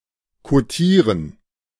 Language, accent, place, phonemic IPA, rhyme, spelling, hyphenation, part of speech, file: German, Germany, Berlin, /koˈtiːʁən/, -iːʁən, kotieren, ko‧tie‧ren, verb, De-kotieren.ogg
- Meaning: to quote the market price of